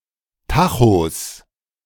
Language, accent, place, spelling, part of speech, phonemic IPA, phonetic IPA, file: German, Germany, Berlin, Tachos, noun, /ˈtaxos/, [ˈtʰaxos], De-Tachos.ogg
- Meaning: 1. genitive singular of Tacho 2. plural of Tacho